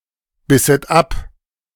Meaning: second-person plural subjunctive II of abbeißen
- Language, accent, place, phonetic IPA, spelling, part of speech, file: German, Germany, Berlin, [ˌbɪsət ˈap], bisset ab, verb, De-bisset ab.ogg